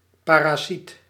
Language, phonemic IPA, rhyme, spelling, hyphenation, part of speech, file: Dutch, /ˌpaː.raːˈsit/, -it, parasiet, pa‧ra‧siet, noun, Nl-parasiet.ogg
- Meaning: 1. parasite (parasitic organism) 2. parasite, someone who relies on others to get things done